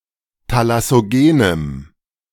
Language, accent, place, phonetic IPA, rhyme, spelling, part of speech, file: German, Germany, Berlin, [talasoˈɡeːnəm], -eːnəm, thalassogenem, adjective, De-thalassogenem.ogg
- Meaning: strong dative masculine/neuter singular of thalassogen